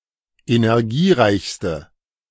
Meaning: inflection of energiereich: 1. strong/mixed nominative/accusative feminine singular superlative degree 2. strong nominative/accusative plural superlative degree
- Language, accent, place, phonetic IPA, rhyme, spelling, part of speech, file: German, Germany, Berlin, [enɛʁˈɡiːˌʁaɪ̯çstə], -iːʁaɪ̯çstə, energiereichste, adjective, De-energiereichste.ogg